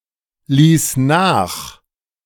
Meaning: first/third-person singular preterite of nachlassen
- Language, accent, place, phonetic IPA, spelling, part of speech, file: German, Germany, Berlin, [ˌliːs ˈnaːx], ließ nach, verb, De-ließ nach.ogg